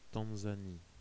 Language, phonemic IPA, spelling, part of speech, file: French, /tɑ̃.za.ni/, Tanzanie, proper noun, Fr-Tanzanie.ogg
- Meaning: Tanzania (a country in East Africa)